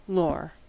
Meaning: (noun) All the facts and traditions about a particular subject that have been accumulated over time through education or experience
- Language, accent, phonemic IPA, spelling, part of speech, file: English, US, /loɹ/, lore, noun / verb, En-us-lore.ogg